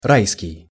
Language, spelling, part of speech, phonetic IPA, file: Russian, райский, adjective, [ˈrajskʲɪj], Ru-райский.ogg
- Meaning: paradisiacal, paradisiac, Edenic